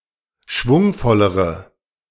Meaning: inflection of schwungvoll: 1. strong/mixed nominative/accusative feminine singular comparative degree 2. strong nominative/accusative plural comparative degree
- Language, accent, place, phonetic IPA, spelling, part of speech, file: German, Germany, Berlin, [ˈʃvʊŋfɔləʁə], schwungvollere, adjective, De-schwungvollere.ogg